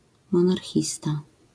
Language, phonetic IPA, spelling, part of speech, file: Polish, [ˌmɔ̃narˈxʲista], monarchista, noun, LL-Q809 (pol)-monarchista.wav